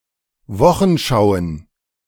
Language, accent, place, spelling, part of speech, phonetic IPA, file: German, Germany, Berlin, Wochenschauen, noun, [ˈvɔxn̩ˌʃaʊ̯ən], De-Wochenschauen.ogg
- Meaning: plural of Wochenschau